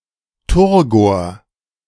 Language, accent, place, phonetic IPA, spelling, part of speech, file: German, Germany, Berlin, [ˈtʊʁɡoːɐ̯], Turgor, noun, De-Turgor.ogg
- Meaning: turgor, turgidity